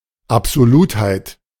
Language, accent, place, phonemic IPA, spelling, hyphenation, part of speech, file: German, Germany, Berlin, /apzoˈluːthaɪ̯t/, Absolutheit, Ab‧so‧lut‧heit, noun, De-Absolutheit.ogg
- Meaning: absoluteness